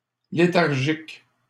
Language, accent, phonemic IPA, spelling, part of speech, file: French, Canada, /le.taʁ.ʒik/, léthargique, adjective, LL-Q150 (fra)-léthargique.wav
- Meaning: lethargic, sluggish